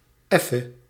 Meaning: alternative form of even (“shortly; for a moment”)
- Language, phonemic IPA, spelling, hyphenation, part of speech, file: Dutch, /ˈɛ.fə/, effe, ef‧fe, adverb, Nl-effe.ogg